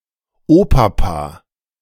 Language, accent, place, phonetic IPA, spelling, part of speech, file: German, Germany, Berlin, [ˈoːpapa], Opapa, noun, De-Opapa.ogg
- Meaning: A variant of Opa, most often used by young children; i.e. an informal and juvenile term for grandfather